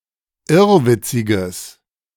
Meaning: strong/mixed nominative/accusative neuter singular of irrwitzig
- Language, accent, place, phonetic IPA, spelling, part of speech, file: German, Germany, Berlin, [ˈɪʁvɪt͡sɪɡəs], irrwitziges, adjective, De-irrwitziges.ogg